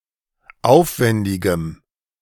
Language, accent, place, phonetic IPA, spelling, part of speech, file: German, Germany, Berlin, [ˈaʊ̯fˌvɛndɪɡəm], aufwendigem, adjective, De-aufwendigem.ogg
- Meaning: strong dative masculine/neuter singular of aufwendig